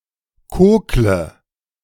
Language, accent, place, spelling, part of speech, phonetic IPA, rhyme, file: German, Germany, Berlin, kokle, verb, [ˈkoːklə], -oːklə, De-kokle.ogg
- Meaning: inflection of kokeln: 1. first-person singular present 2. first/third-person singular subjunctive I 3. singular imperative